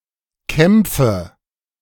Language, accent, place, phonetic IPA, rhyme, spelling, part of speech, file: German, Germany, Berlin, [ˈkɛmp͡fə], -ɛmp͡fə, kämpfe, verb, De-kämpfe.ogg
- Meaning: inflection of kämpfen: 1. first-person singular present 2. first/third-person singular subjunctive I 3. singular imperative